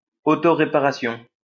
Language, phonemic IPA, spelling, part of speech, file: French, /ʁe.pa.ʁa.sjɔ̃/, réparation, noun, LL-Q150 (fra)-réparation.wav
- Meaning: fix, repair